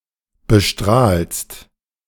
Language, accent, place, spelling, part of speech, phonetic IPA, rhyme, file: German, Germany, Berlin, bestrahlst, verb, [bəˈʃtʁaːlst], -aːlst, De-bestrahlst.ogg
- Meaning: second-person singular present of bestrahlen